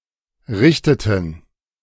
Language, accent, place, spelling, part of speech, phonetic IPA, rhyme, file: German, Germany, Berlin, richteten, verb, [ˈʁɪçtətn̩], -ɪçtətn̩, De-richteten.ogg
- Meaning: inflection of richten: 1. first/third-person plural preterite 2. first/third-person plural subjunctive II